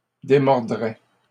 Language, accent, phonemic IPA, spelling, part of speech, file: French, Canada, /de.mɔʁ.dʁɛ/, démordrais, verb, LL-Q150 (fra)-démordrais.wav
- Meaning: first/second-person singular conditional of démordre